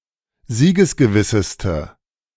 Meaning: inflection of siegesgewiss: 1. strong/mixed nominative/accusative feminine singular superlative degree 2. strong nominative/accusative plural superlative degree
- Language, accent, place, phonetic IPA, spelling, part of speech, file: German, Germany, Berlin, [ˈziːɡəsɡəˌvɪsəstə], siegesgewisseste, adjective, De-siegesgewisseste.ogg